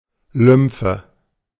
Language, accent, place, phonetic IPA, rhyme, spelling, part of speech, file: German, Germany, Berlin, [ˈlʏmfə], -ʏmfə, Lymphe, noun, De-Lymphe.ogg
- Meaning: lymph (the fluid carried by the lymphatic system)